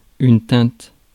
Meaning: shade, tint
- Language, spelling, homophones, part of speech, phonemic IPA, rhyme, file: French, teinte, teintes / tinte / tintent / tîntes, noun, /tɛ̃t/, -ɛ̃t, Fr-teinte.ogg